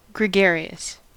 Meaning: 1. Who enjoys being in crowds and socializing 2. Of animals that travel in herds or packs 3. Growing in open clusters or colonies; not matted together 4. Pertaining to a flock or crowd
- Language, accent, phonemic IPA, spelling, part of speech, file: English, US, /ɡɹɪˈɡɛɚ.i.əs/, gregarious, adjective, En-us-gregarious.ogg